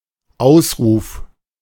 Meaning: exclamation, cry
- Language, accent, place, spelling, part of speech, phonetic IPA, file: German, Germany, Berlin, Ausruf, noun, [ˈaʊ̯sˌʁuːf], De-Ausruf.ogg